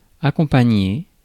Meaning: to accompany, to escort
- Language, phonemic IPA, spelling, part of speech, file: French, /a.kɔ̃.pa.ɲe/, accompagner, verb, Fr-accompagner.ogg